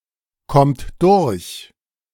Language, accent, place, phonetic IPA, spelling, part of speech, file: German, Germany, Berlin, [ˌkɔmt ˈdʊʁç], kommt durch, verb, De-kommt durch.ogg
- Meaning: inflection of durchkommen: 1. third-person singular present 2. second-person plural present 3. plural imperative